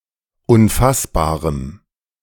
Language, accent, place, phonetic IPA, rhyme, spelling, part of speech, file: German, Germany, Berlin, [ʊnˈfasbaːʁəm], -asbaːʁəm, unfassbarem, adjective, De-unfassbarem.ogg
- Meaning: strong dative masculine/neuter singular of unfassbar